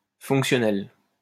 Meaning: feminine singular of fonctionnel
- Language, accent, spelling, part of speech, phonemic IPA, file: French, France, fonctionnelle, adjective, /fɔ̃k.sjɔ.nɛl/, LL-Q150 (fra)-fonctionnelle.wav